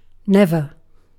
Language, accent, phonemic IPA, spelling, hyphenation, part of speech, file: English, UK, /ˈnɛv.ə/, never, nev‧er, adverb / verb / interjection, En-uk-never.ogg
- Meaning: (adverb) 1. At no time; on no occasion; in no circumstance 2. Not at any other time; not on any other occasion; not previously